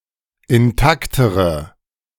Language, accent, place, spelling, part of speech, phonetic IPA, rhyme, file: German, Germany, Berlin, intaktere, adjective, [ɪnˈtaktəʁə], -aktəʁə, De-intaktere.ogg
- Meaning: inflection of intakt: 1. strong/mixed nominative/accusative feminine singular comparative degree 2. strong nominative/accusative plural comparative degree